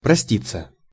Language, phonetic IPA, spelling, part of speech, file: Russian, [prɐˈsʲtʲit͡sːə], проститься, verb, Ru-проститься.ogg
- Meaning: 1. to say goodbye (to), to take (one's) leave (of), to bid adieu, to bid farewell 2. passive of прости́ть (prostítʹ)